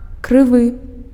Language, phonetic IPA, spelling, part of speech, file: Belarusian, [krɨˈvɨ], крывы, adjective, Be-крывы.ogg
- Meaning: crooked